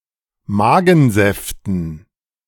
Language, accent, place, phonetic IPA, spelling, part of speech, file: German, Germany, Berlin, [ˈmaːɡn̩ˌzɛftn̩], Magensäften, noun, De-Magensäften.ogg
- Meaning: dative plural of Magensaft